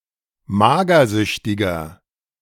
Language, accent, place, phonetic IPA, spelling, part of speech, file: German, Germany, Berlin, [ˈmaːɡɐˌzʏçtɪɡɐ], magersüchtiger, adjective, De-magersüchtiger.ogg
- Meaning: inflection of magersüchtig: 1. strong/mixed nominative masculine singular 2. strong genitive/dative feminine singular 3. strong genitive plural